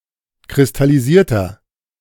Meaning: inflection of kristallisiert: 1. strong/mixed nominative masculine singular 2. strong genitive/dative feminine singular 3. strong genitive plural
- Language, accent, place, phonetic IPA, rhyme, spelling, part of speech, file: German, Germany, Berlin, [kʁɪstaliˈziːɐ̯tɐ], -iːɐ̯tɐ, kristallisierter, adjective, De-kristallisierter.ogg